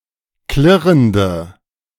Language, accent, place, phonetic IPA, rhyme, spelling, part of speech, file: German, Germany, Berlin, [ˈklɪʁəndə], -ɪʁəndə, klirrende, adjective, De-klirrende.ogg
- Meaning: inflection of klirrend: 1. strong/mixed nominative/accusative feminine singular 2. strong nominative/accusative plural 3. weak nominative all-gender singular